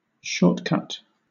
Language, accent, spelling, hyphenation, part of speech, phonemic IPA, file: English, Southern England, shortcut, short‧cut, noun / verb, /ˈʃɔːtkʌt/, LL-Q1860 (eng)-shortcut.wav
- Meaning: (noun) 1. A path between two points that is faster than the commonly used paths 2. A method to accomplish something that omits one or more steps